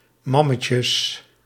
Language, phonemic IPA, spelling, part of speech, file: Dutch, /ˈmɑməcəs/, mammetjes, noun, Nl-mammetjes.ogg
- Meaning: plural of mammetje